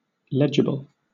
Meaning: 1. Clear enough to be read; readable, particularly of handwriting 2. Written or phrased so as to be easy to understand
- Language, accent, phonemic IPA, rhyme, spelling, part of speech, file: English, Southern England, /ˈlɛd͡ʒəbl/, -ɛdʒəbl, legible, adjective, LL-Q1860 (eng)-legible.wav